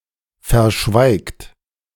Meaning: inflection of verschweigen: 1. third-person singular present 2. second-person plural present 3. plural imperative
- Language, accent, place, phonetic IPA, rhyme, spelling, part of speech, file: German, Germany, Berlin, [fɛɐ̯ˈʃvaɪ̯kt], -aɪ̯kt, verschweigt, verb, De-verschweigt.ogg